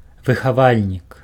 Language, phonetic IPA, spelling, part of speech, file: Belarusian, [vɨxaˈvalʲnʲik], выхавальнік, noun, Be-выхавальнік.ogg
- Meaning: educator, teacher